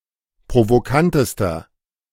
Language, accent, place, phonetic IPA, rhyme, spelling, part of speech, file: German, Germany, Berlin, [pʁovoˈkantəstɐ], -antəstɐ, provokantester, adjective, De-provokantester.ogg
- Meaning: inflection of provokant: 1. strong/mixed nominative masculine singular superlative degree 2. strong genitive/dative feminine singular superlative degree 3. strong genitive plural superlative degree